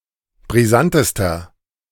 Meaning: inflection of brisant: 1. strong/mixed nominative masculine singular superlative degree 2. strong genitive/dative feminine singular superlative degree 3. strong genitive plural superlative degree
- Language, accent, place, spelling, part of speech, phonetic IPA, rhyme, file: German, Germany, Berlin, brisantester, adjective, [bʁiˈzantəstɐ], -antəstɐ, De-brisantester.ogg